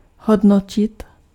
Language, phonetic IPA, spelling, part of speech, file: Czech, [ˈɦodnocɪt], hodnotit, verb, Cs-hodnotit.ogg
- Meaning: to evaluate